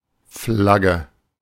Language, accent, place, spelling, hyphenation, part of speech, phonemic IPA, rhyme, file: German, Germany, Berlin, Flagge, Flag‧ge, noun, /ˈflaɡə/, -aɡə, De-Flagge.ogg
- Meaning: flag